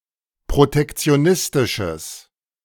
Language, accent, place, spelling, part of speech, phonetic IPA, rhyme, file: German, Germany, Berlin, protektionistisches, adjective, [pʁotɛkt͡si̯oˈnɪstɪʃəs], -ɪstɪʃəs, De-protektionistisches.ogg
- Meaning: strong/mixed nominative/accusative neuter singular of protektionistisch